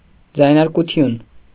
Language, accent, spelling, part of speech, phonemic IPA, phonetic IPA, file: Armenian, Eastern Armenian, ձայնարկություն, noun, /d͡zɑjnɑɾkuˈtʰjun/, [d͡zɑjnɑɾkut͡sʰjún], Hy-ձայնարկություն.ogg
- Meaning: interjection